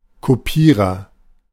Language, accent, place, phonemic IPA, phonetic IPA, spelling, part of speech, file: German, Germany, Berlin, /koˈpiːʁəʁ/, [kʰoˈpʰiːʁɐ], Kopierer, noun, De-Kopierer.ogg
- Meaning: copier (a machine that copies)